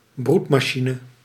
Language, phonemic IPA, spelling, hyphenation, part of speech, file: Dutch, /ˈbrut.maːˌʃi.nə/, broedmachine, broed‧ma‧chi‧ne, noun, Nl-broedmachine.ogg
- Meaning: an incubator, especially for eggs